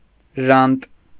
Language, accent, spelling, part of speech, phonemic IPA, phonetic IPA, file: Armenian, Eastern Armenian, ժանտ, adjective, /ʒɑnt/, [ʒɑnt], Hy-ժանտ.ogg
- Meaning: 1. merciless, cruel; harsh, relentless; evil 2. disgusting; bad; bitter